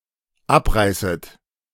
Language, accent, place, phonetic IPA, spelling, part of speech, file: German, Germany, Berlin, [ˈapˌʁaɪ̯sət], abreißet, verb, De-abreißet.ogg
- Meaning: second-person plural dependent subjunctive I of abreißen